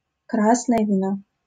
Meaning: red wine
- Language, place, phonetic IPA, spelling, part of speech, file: Russian, Saint Petersburg, [ˈkrasnəjə vʲɪˈno], красное вино, noun, LL-Q7737 (rus)-красное вино.wav